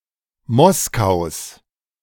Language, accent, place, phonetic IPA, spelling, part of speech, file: German, Germany, Berlin, [ˈmɔskaʊ̯s], Moskaus, noun, De-Moskaus.ogg
- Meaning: genitive singular of Moskau